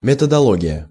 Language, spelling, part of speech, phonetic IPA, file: Russian, методология, noun, [mʲɪtədɐˈɫoɡʲɪjə], Ru-методология.ogg
- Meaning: methodology